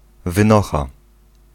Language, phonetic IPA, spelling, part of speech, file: Polish, [vɨ̃ˈnɔxa], wynocha, interjection, Pl-wynocha.ogg